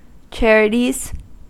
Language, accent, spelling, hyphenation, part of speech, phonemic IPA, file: English, US, charities, char‧i‧ties, noun, /ˈt͡ʃɛɹətiz/, En-us-charities.ogg
- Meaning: plural of charity